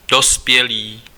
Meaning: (noun) adult
- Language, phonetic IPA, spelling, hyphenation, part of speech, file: Czech, [ˈdospjɛliː], dospělý, do‧spě‧lý, noun / adjective, Cs-dospělý.ogg